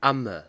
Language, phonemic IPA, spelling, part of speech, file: German, /ˈa.mə/, Amme, noun, De-Amme.ogg
- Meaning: 1. wet nurse 2. nanny, grandmother, mother